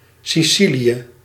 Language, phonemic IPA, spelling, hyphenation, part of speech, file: Dutch, /ˌsiˈsili.ə/, Sicilië, Si‧ci‧lië, proper noun, Nl-Sicilië.ogg
- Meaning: Sicily (the largest island in the Mediterranean Sea, an autonomous region of Italy, close to Africa and separated from Tunisia and Libya by the Strait of Sicily)